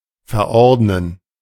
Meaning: 1. to prescribe (to order a drug or medical device for use by a particular patient) 2. to prescribe, to decree (to specify as a required procedure or ritual)
- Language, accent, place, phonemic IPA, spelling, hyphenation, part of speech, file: German, Germany, Berlin, /fɛʁˈɔʁtnən/, verordnen, ver‧ord‧nen, verb, De-verordnen.ogg